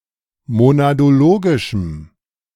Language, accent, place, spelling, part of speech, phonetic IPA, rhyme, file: German, Germany, Berlin, monadologischem, adjective, [monadoˈloːɡɪʃm̩], -oːɡɪʃm̩, De-monadologischem.ogg
- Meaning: strong dative masculine/neuter singular of monadologisch